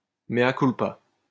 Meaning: mea culpa
- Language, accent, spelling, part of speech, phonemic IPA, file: French, France, mea culpa, interjection, /me.a kul.pa/, LL-Q150 (fra)-mea culpa.wav